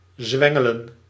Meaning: to crank, to turn a crank
- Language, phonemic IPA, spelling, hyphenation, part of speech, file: Dutch, /ˈzʋɛ.ŋə.lə(n)/, zwengelen, zwen‧ge‧len, verb, Nl-zwengelen.ogg